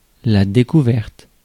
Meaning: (noun) discovery; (adjective) feminine of découvert
- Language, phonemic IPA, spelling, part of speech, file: French, /de.ku.vɛʁt/, découverte, noun / adjective, Fr-découverte.ogg